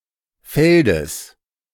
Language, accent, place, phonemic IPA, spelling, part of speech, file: German, Germany, Berlin, /ˈfɛldəs/, Feldes, noun, De-Feldes.ogg
- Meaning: genitive singular of Feld